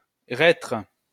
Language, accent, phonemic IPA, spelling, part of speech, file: French, France, /ʁɛtʁ/, reître, noun, LL-Q150 (fra)-reître.wav
- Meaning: 1. reiter 2. old soldier, leatherneck, roughneck soldier